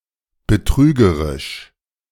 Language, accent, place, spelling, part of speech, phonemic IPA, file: German, Germany, Berlin, betrügerisch, adjective, /bəˈtʁyːɡəʁɪʃ/, De-betrügerisch.ogg
- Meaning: fraudulent